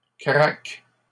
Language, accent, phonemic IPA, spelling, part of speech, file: French, Canada, /kʁak/, craque, verb / noun, LL-Q150 (fra)-craque.wav
- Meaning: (verb) inflection of craquer: 1. first/third-person singular present indicative/subjunctive 2. second-person singular imperative; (noun) fib